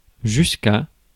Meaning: apocopic form of jusque
- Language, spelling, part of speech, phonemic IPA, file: French, jusqu', adverb, /ʒysk‿/, Fr-jusqu'.ogg